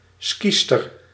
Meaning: female skier
- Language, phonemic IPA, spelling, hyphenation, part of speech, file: Dutch, /ˈskistər/, skiester, skie‧ster, noun, Nl-skiester.ogg